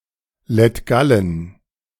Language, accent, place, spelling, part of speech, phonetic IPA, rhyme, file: German, Germany, Berlin, Lettgallen, proper noun, [lɛtˈɡalən], -alən, De-Lettgallen.ogg
- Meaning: Latgale (a region of Latvia)